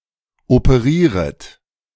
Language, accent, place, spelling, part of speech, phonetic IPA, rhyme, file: German, Germany, Berlin, operieret, verb, [opəˈʁiːʁət], -iːʁət, De-operieret.ogg
- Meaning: second-person plural subjunctive I of operieren